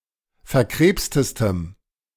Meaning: strong dative masculine/neuter singular superlative degree of verkrebst
- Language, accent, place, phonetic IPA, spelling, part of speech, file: German, Germany, Berlin, [fɛɐ̯ˈkʁeːpstəstəm], verkrebstestem, adjective, De-verkrebstestem.ogg